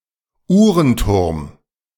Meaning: clock tower
- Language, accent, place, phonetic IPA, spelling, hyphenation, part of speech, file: German, Germany, Berlin, [ˈuːʁənˌtʊʁm], Uhrenturm, Uh‧ren‧turm, noun, De-Uhrenturm.ogg